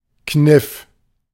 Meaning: 1. crease 2. trick
- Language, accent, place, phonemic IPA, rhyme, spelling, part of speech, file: German, Germany, Berlin, /knɪf/, -ɪf, Kniff, noun, De-Kniff.ogg